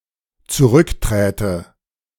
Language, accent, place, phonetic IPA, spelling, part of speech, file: German, Germany, Berlin, [t͡suˈʁʏkˌtʁɛːtə], zurückträte, verb, De-zurückträte.ogg
- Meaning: first/third-person singular dependent subjunctive II of zurücktreten